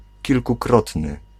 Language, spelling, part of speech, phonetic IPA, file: Polish, kilkukrotny, adjective, [ˌcilkuˈkrɔtnɨ], Pl-kilkukrotny.ogg